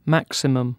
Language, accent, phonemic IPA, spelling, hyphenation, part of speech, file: English, UK, /ˈmæksɪməm/, maximum, max‧i‧mum, noun / adjective, En-uk-maximum.ogg
- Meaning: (noun) 1. The highest limit 2. The greatest value of a set or other mathematical structure, especially the global maximum or a local maximum of a function